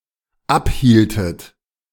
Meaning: inflection of abhalten: 1. second-person plural dependent preterite 2. second-person plural dependent subjunctive II
- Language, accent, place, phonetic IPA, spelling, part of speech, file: German, Germany, Berlin, [ˈapˌhiːltət], abhieltet, verb, De-abhieltet.ogg